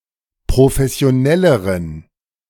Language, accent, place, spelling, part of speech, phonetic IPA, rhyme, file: German, Germany, Berlin, professionelleren, adjective, [pʁofɛsi̯oˈnɛləʁən], -ɛləʁən, De-professionelleren.ogg
- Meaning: inflection of professionell: 1. strong genitive masculine/neuter singular comparative degree 2. weak/mixed genitive/dative all-gender singular comparative degree